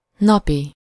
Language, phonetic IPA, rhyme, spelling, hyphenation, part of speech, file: Hungarian, [ˈnɒpi], -pi, napi, na‧pi, adjective, Hu-napi.ogg
- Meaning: daily, day-, everyday, day-to-day